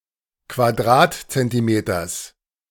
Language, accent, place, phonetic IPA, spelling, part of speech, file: German, Germany, Berlin, [kvaˈdʁaːtt͡sɛntiˌmeːtɐs], Quadratzentimeters, noun, De-Quadratzentimeters.ogg
- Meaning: genitive singular of Quadratzentimeter